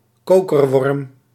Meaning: tubeworm (marine polychaete worm constructing tubes)
- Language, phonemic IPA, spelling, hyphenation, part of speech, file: Dutch, /ˈkoː.kərˌʋɔrm/, kokerworm, ko‧ker‧worm, noun, Nl-kokerworm.ogg